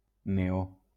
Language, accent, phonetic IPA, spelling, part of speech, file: Catalan, Valencia, [neˈo], neó, noun, LL-Q7026 (cat)-neó.wav
- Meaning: neon